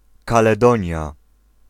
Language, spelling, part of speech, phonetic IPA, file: Polish, Kaledonia, proper noun, [ˌkalɛˈdɔ̃ɲja], Pl-Kaledonia.ogg